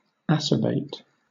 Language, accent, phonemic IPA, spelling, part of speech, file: English, Southern England, /ˈa.sə.beɪt/, acerbate, adjective / verb, LL-Q1860 (eng)-acerbate.wav
- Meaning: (adjective) Embittered; having a sour disposition or nature; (verb) 1. To exasperate; to irritate 2. To make bitter or sour